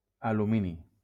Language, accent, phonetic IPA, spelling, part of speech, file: Catalan, Valencia, [a.luˈmi.ni], alumini, noun, LL-Q7026 (cat)-alumini.wav
- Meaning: aluminium